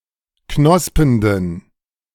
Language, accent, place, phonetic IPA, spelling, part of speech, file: German, Germany, Berlin, [ˈknɔspəndn̩], knospenden, adjective, De-knospenden.ogg
- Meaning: inflection of knospend: 1. strong genitive masculine/neuter singular 2. weak/mixed genitive/dative all-gender singular 3. strong/weak/mixed accusative masculine singular 4. strong dative plural